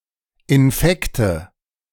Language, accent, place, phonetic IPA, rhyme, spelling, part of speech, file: German, Germany, Berlin, [ɪnˈfɛktə], -ɛktə, Infekte, noun, De-Infekte.ogg
- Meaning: nominative/accusative/genitive plural of Infekt